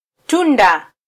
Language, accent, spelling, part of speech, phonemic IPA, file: Swahili, Kenya, tunda, noun, /ˈtu.ⁿdɑ/, Sw-ke-tunda.flac
- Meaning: fruit (part of a plant)